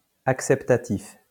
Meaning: acceptative
- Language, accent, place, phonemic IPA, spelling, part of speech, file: French, France, Lyon, /ak.sɛp.ta.tif/, acceptatif, adjective, LL-Q150 (fra)-acceptatif.wav